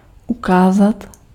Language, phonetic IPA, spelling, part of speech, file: Czech, [ˈukaːzat], ukázat, verb, Cs-ukázat.ogg
- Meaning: 1. to point, to point out 2. to show 3. to demonstrate 4. to prove, to turn out, to manifest